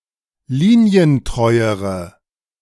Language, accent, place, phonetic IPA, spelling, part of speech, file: German, Germany, Berlin, [ˈliːni̯ənˌtʁɔɪ̯əʁə], linientreuere, adjective, De-linientreuere.ogg
- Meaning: inflection of linientreu: 1. strong/mixed nominative/accusative feminine singular comparative degree 2. strong nominative/accusative plural comparative degree